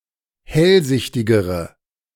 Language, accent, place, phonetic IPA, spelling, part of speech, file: German, Germany, Berlin, [ˈhɛlˌzɪçtɪɡəʁə], hellsichtigere, adjective, De-hellsichtigere.ogg
- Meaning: inflection of hellsichtig: 1. strong/mixed nominative/accusative feminine singular comparative degree 2. strong nominative/accusative plural comparative degree